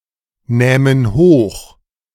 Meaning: first-person plural subjunctive II of hochnehmen
- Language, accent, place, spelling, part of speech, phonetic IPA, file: German, Germany, Berlin, nähmen hoch, verb, [ˌnɛːmən ˈhoːx], De-nähmen hoch.ogg